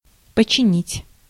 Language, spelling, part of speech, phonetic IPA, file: Russian, починить, verb, [pət͡ɕɪˈnʲitʲ], Ru-починить.ogg
- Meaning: to repair, to mend, to fix